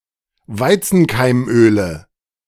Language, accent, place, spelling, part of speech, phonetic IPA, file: German, Germany, Berlin, Weizenkeimöle, noun, [ˈvaɪ̯t͡sn̩kaɪ̯mˌʔøːlə], De-Weizenkeimöle.ogg
- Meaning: 1. nominative/accusative/genitive plural of Weizenkeimöl 2. dative of Weizenkeimöl